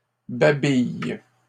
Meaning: inflection of babiller: 1. first/third-person singular present indicative/subjunctive 2. second-person singular imperative
- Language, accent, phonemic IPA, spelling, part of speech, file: French, Canada, /ba.bij/, babille, verb, LL-Q150 (fra)-babille.wav